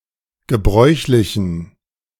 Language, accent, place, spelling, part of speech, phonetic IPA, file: German, Germany, Berlin, gebräuchlichen, adjective, [ɡəˈbʁɔɪ̯çlɪçn̩], De-gebräuchlichen.ogg
- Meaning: inflection of gebräuchlich: 1. strong genitive masculine/neuter singular 2. weak/mixed genitive/dative all-gender singular 3. strong/weak/mixed accusative masculine singular 4. strong dative plural